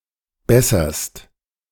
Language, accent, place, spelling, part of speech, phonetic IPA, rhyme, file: German, Germany, Berlin, besserst, verb, [ˈbɛsɐst], -ɛsɐst, De-besserst.ogg
- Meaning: second-person singular present of bessern